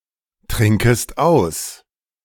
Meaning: second-person singular subjunctive I of austrinken
- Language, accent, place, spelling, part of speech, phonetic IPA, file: German, Germany, Berlin, trinkest aus, verb, [ˌtʁɪŋkəst ˈaʊ̯s], De-trinkest aus.ogg